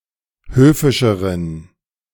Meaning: inflection of höfisch: 1. strong genitive masculine/neuter singular comparative degree 2. weak/mixed genitive/dative all-gender singular comparative degree
- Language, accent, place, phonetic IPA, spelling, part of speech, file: German, Germany, Berlin, [ˈhøːfɪʃəʁən], höfischeren, adjective, De-höfischeren.ogg